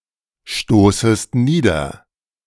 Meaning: second-person singular subjunctive I of niederstoßen
- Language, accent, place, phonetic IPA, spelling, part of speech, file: German, Germany, Berlin, [ˌʃtoːsəst ˈniːdɐ], stoßest nieder, verb, De-stoßest nieder.ogg